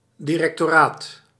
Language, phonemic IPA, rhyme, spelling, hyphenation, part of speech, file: Dutch, /ˌdi.rɛk.toːˈraːt/, -aːt, directoraat, di‧rec‧to‧raat, noun, Nl-directoraat.ogg
- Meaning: 1. a directorate, the position of directeur (director), a term as such 2. a directorate, department run by (a) director(s)